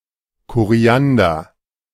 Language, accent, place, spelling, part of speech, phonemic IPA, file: German, Germany, Berlin, Koriander, noun, /koˈri̯andər/, De-Koriander.ogg
- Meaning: coriander, cilantro